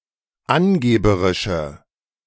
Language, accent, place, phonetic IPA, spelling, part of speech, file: German, Germany, Berlin, [ˈanˌɡeːbəʁɪʃə], angeberische, adjective, De-angeberische.ogg
- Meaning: inflection of angeberisch: 1. strong/mixed nominative/accusative feminine singular 2. strong nominative/accusative plural 3. weak nominative all-gender singular